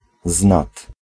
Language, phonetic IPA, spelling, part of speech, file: Polish, [znat], znad, preposition, Pl-znad.ogg